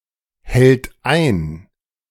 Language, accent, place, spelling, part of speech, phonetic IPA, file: German, Germany, Berlin, hält ein, verb, [ˌhɛlt ˈaɪ̯n], De-hält ein.ogg
- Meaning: inflection of einhalten: 1. third-person singular present 2. singular imperative